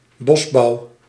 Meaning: forestry, silviculture
- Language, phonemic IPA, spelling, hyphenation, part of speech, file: Dutch, /ˈbɔs.bɑu̯/, bosbouw, bos‧bouw, noun, Nl-bosbouw.ogg